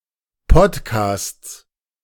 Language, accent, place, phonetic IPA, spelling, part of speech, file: German, Germany, Berlin, [ˈpɔtkaːst͡s], Podcasts, noun, De-Podcasts.ogg
- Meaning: plural of Podcast